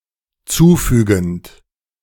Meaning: present participle of zufügen
- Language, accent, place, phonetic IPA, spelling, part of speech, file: German, Germany, Berlin, [ˈt͡suːˌfyːɡn̩t], zufügend, verb, De-zufügend.ogg